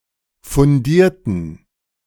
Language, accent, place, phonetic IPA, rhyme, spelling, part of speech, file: German, Germany, Berlin, [fʊnˈdiːɐ̯tn̩], -iːɐ̯tn̩, fundierten, adjective / verb, De-fundierten.ogg
- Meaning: inflection of fundiert: 1. strong genitive masculine/neuter singular 2. weak/mixed genitive/dative all-gender singular 3. strong/weak/mixed accusative masculine singular 4. strong dative plural